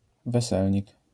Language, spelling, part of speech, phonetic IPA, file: Polish, weselnik, noun, [vɛˈsɛlʲɲik], LL-Q809 (pol)-weselnik.wav